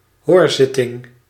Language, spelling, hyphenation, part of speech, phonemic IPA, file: Dutch, hoorzitting, hoor‧zit‧ting, noun, /ˈɦoːrˌzɪ.tɪŋ/, Nl-hoorzitting.ogg
- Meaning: hearing (proceeding for hearing arguments and discussion)